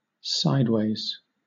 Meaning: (adjective) 1. Moving or directed toward one side 2. Positioned sideways (with a side to the front) 3. Neither moving upward nor moving downward 4. In conflict (with); not compatible (with)
- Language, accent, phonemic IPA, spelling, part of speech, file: English, Southern England, /ˈsaɪdweɪz/, sideways, adjective / adverb / noun, LL-Q1860 (eng)-sideways.wav